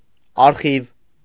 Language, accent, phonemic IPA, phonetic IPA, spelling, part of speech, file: Armenian, Eastern Armenian, /ɑɾˈχiv/, [ɑɾχív], արխիվ, noun, Hy-արխիվ.ogg
- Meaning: archive